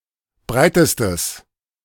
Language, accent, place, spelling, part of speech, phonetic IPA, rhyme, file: German, Germany, Berlin, breitestes, adjective, [ˈbʁaɪ̯təstəs], -aɪ̯təstəs, De-breitestes.ogg
- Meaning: strong/mixed nominative/accusative neuter singular superlative degree of breit